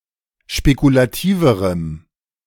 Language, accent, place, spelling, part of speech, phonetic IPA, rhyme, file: German, Germany, Berlin, spekulativerem, adjective, [ʃpekulaˈtiːvəʁəm], -iːvəʁəm, De-spekulativerem.ogg
- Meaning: strong dative masculine/neuter singular comparative degree of spekulativ